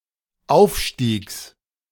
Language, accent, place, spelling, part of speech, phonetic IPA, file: German, Germany, Berlin, Aufstiegs, noun, [ˈaʊ̯fˌʃtiːks], De-Aufstiegs.ogg
- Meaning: genitive singular of Aufstieg